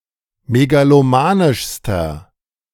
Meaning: inflection of megalomanisch: 1. strong/mixed nominative masculine singular superlative degree 2. strong genitive/dative feminine singular superlative degree
- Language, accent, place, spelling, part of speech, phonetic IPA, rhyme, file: German, Germany, Berlin, megalomanischster, adjective, [meɡaloˈmaːnɪʃstɐ], -aːnɪʃstɐ, De-megalomanischster.ogg